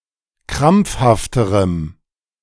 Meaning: strong dative masculine/neuter singular comparative degree of krampfhaft
- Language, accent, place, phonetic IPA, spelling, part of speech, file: German, Germany, Berlin, [ˈkʁamp͡fhaftəʁəm], krampfhafterem, adjective, De-krampfhafterem.ogg